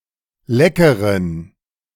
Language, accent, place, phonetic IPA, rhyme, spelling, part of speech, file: German, Germany, Berlin, [ˈlɛkəʁən], -ɛkəʁən, leckeren, adjective, De-leckeren.ogg
- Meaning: inflection of lecker: 1. strong genitive masculine/neuter singular 2. weak/mixed genitive/dative all-gender singular 3. strong/weak/mixed accusative masculine singular 4. strong dative plural